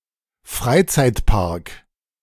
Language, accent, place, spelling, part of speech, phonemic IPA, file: German, Germany, Berlin, Freizeitpark, noun, /ˈfraɪ̯t͡saɪ̯tpark/, De-Freizeitpark.ogg
- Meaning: amusement park